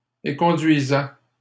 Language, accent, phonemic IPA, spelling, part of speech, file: French, Canada, /e.kɔ̃.dɥi.zɛ/, éconduisait, verb, LL-Q150 (fra)-éconduisait.wav
- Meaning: third-person singular imperfect indicative of éconduire